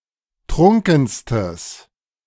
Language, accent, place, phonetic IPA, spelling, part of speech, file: German, Germany, Berlin, [ˈtʁʊŋkn̩stəs], trunkenstes, adjective, De-trunkenstes.ogg
- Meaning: strong/mixed nominative/accusative neuter singular superlative degree of trunken